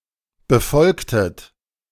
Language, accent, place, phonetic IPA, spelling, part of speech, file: German, Germany, Berlin, [bəˈfɔlktət], befolgtet, verb, De-befolgtet.ogg
- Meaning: inflection of befolgen: 1. second-person plural preterite 2. second-person plural subjunctive II